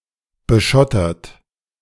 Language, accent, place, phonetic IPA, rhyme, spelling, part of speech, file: German, Germany, Berlin, [bəˈʃɔtɐt], -ɔtɐt, beschottert, verb, De-beschottert.ogg
- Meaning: 1. past participle of beschottern 2. inflection of beschottern: third-person singular present 3. inflection of beschottern: second-person plural present 4. inflection of beschottern: plural imperative